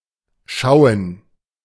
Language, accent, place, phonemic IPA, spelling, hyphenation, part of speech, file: German, Germany, Berlin, /ˈʃaʊ̯ən/, schauen, schau‧en, verb, De-schauen.ogg
- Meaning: 1. to watch, to view (a movie or other performance) 2. to look (at something, at a certain location, in a certain direction, in a certain way)